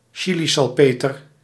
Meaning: nitratine, Chile saltpetre
- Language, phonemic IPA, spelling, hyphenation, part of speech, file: Dutch, /ˈ(t)ʃi.li.sɑlˌpeː.tər/, chilisalpeter, chi‧li‧sal‧pe‧ter, noun, Nl-chilisalpeter.ogg